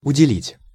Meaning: to allot, to allocate
- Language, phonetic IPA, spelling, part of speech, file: Russian, [ʊdʲɪˈlʲitʲ], уделить, verb, Ru-уделить.ogg